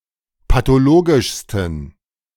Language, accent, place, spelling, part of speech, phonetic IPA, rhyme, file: German, Germany, Berlin, pathologischsten, adjective, [patoˈloːɡɪʃstn̩], -oːɡɪʃstn̩, De-pathologischsten.ogg
- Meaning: 1. superlative degree of pathologisch 2. inflection of pathologisch: strong genitive masculine/neuter singular superlative degree